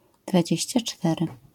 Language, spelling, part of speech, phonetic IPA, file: Polish, dwadzieścia cztery, adjective, [dvaˈd͡ʑɛ̇ɕt͡ɕa ˈt͡ʃtɛrɨ], LL-Q809 (pol)-dwadzieścia cztery.wav